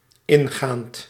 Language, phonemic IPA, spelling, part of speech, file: Dutch, /ˈɪŋɣant/, ingaand, verb / adjective, Nl-ingaand.ogg
- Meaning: present participle of ingaan